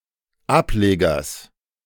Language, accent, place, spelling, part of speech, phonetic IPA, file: German, Germany, Berlin, Ablegers, noun, [ˈapˌleːɡɐs], De-Ablegers.ogg
- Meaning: genitive singular of Ableger